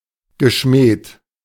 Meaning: past participle of schmähen
- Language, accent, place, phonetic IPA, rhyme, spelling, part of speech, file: German, Germany, Berlin, [ɡəˈʃmɛːt], -ɛːt, geschmäht, verb, De-geschmäht.ogg